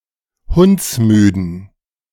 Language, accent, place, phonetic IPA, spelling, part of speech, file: German, Germany, Berlin, [ˈhʊnt͡sˌmyːdn̩], hundsmüden, adjective, De-hundsmüden.ogg
- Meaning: inflection of hundsmüde: 1. strong genitive masculine/neuter singular 2. weak/mixed genitive/dative all-gender singular 3. strong/weak/mixed accusative masculine singular 4. strong dative plural